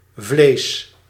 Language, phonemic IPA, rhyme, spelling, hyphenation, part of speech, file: Dutch, /vleːs/, -eːs, vleesch, vleesch, noun, Nl-vleesch.ogg
- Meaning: obsolete spelling of vlees